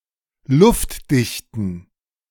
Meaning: inflection of luftdicht: 1. strong genitive masculine/neuter singular 2. weak/mixed genitive/dative all-gender singular 3. strong/weak/mixed accusative masculine singular 4. strong dative plural
- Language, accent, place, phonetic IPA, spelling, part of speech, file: German, Germany, Berlin, [ˈlʊftˌdɪçtn̩], luftdichten, adjective, De-luftdichten.ogg